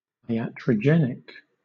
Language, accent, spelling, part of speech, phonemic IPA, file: English, Southern England, iatrogenic, adjective, /aɪˌætɹəˈd͡ʒɛnɪk/, LL-Q1860 (eng)-iatrogenic.wav
- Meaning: Induced by the words or actions of the physician or by medical treatment or diagnostic procedure